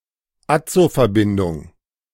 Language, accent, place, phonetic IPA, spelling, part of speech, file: German, Germany, Berlin, [ˈat͡sofɛɐ̯ˌbɪndʊŋ], Azoverbindung, noun, De-Azoverbindung.ogg
- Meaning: azo compound